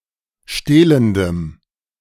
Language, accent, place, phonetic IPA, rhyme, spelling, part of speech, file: German, Germany, Berlin, [ˈʃteːləndəm], -eːləndəm, stehlendem, adjective, De-stehlendem.ogg
- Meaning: strong dative masculine/neuter singular of stehlend